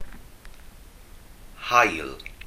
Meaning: sun
- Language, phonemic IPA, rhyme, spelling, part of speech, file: Welsh, /haɨ̯l/, -aɨ̯l, haul, noun, Cy-haul.ogg